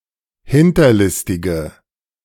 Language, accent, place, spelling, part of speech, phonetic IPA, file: German, Germany, Berlin, hinterlistige, adjective, [ˈhɪntɐˌlɪstɪɡə], De-hinterlistige.ogg
- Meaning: inflection of hinterlistig: 1. strong/mixed nominative/accusative feminine singular 2. strong nominative/accusative plural 3. weak nominative all-gender singular